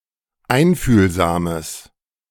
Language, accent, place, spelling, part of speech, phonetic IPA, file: German, Germany, Berlin, einfühlsames, adjective, [ˈaɪ̯nfyːlzaːməs], De-einfühlsames.ogg
- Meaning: strong/mixed nominative/accusative neuter singular of einfühlsam